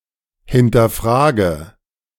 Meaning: inflection of hinterfragen: 1. first-person singular present 2. first/third-person singular subjunctive I 3. singular imperative
- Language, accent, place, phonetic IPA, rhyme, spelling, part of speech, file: German, Germany, Berlin, [hɪntɐˈfʁaːɡə], -aːɡə, hinterfrage, verb, De-hinterfrage.ogg